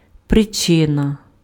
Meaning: 1. reason 2. cause
- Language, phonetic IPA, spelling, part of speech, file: Ukrainian, [preˈt͡ʃɪnɐ], причина, noun, Uk-причина.ogg